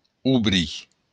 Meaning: alternative form of dobrir
- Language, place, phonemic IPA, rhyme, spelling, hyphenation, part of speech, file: Occitan, Béarn, /uˈβɾi/, -i, obrir, o‧brir, verb, LL-Q14185 (oci)-obrir.wav